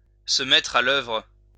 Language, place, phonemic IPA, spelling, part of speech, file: French, Lyon, /sə mɛtʁ a l‿œvʁ/, se mettre à l'œuvre, verb, LL-Q150 (fra)-se mettre à l'œuvre.wav
- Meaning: to get down to work, to get to work